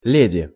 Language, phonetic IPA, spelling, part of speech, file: Russian, [ˈlʲedʲɪ], леди, noun, Ru-леди.ogg
- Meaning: lady (usually in British context; title of a woman of breeding and authority)